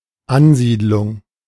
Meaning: settlement (newly established colony; a place or region newly settled)
- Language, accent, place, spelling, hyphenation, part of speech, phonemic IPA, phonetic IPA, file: German, Germany, Berlin, Ansiedlung, An‧sied‧lung, noun, /ˈanˌziːtlʊŋ/, [ˈʔanˌziːtlʊŋ], De-Ansiedlung.ogg